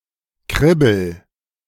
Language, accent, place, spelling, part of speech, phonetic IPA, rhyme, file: German, Germany, Berlin, kribbel, verb, [ˈkʁɪbl̩], -ɪbl̩, De-kribbel.ogg
- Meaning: inflection of kribbeln: 1. first-person singular present 2. singular imperative